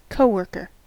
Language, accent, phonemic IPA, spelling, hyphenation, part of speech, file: English, US, /ˌkoʊˈwɝː.kɚ/, coworker, co‧wor‧ker, noun, En-us-coworker.ogg
- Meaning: 1. Somebody with whom one works 2. A person in the lowest common denominator, especially regarding popular culture